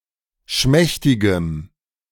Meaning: strong dative masculine/neuter singular of schmächtig
- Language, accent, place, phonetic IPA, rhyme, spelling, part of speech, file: German, Germany, Berlin, [ˈʃmɛçtɪɡəm], -ɛçtɪɡəm, schmächtigem, adjective, De-schmächtigem.ogg